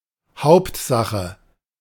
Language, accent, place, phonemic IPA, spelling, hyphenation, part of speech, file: German, Germany, Berlin, /ˈhaʊ̯ptˌzaxə/, Hauptsache, Haupt‧sa‧che, noun / conjunction, De-Hauptsache.ogg
- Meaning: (noun) 1. main thing, most important thing 2. main issue; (conjunction) as long as, expresses that the following is the most important goal, prioritised over anything else